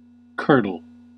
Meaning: 1. To form curds so that it no longer flows smoothly; to cause to form such curds. (usually said of milk) 2. To clot or coagulate; to cause to congeal, such as through cold. (metaphorically of blood)
- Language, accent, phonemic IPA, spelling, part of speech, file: English, US, /ˈkɝ.dəl/, curdle, verb, En-us-curdle.ogg